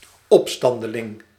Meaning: insurgent, rebel, insurrectionist
- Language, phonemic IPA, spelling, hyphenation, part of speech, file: Dutch, /ˌɔpˈstɑn.də.lɪŋ/, opstandeling, op‧stan‧de‧ling, noun, Nl-opstandeling.ogg